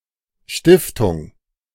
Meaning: foundation
- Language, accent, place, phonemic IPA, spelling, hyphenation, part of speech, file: German, Germany, Berlin, /ˈʃtɪftʊŋ/, Stiftung, Stif‧tung, noun, De-Stiftung.ogg